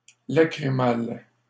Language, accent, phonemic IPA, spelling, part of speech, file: French, Canada, /la.kʁi.mal/, lacrymal, adjective, LL-Q150 (fra)-lacrymal.wav
- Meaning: lacrimal